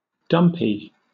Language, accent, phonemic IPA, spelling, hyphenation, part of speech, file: English, Southern England, /ˈdʌmpiː/, dumpee, dump‧ee, noun, LL-Q1860 (eng)-dumpee.wav
- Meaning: One who is dumped (rejected romantically)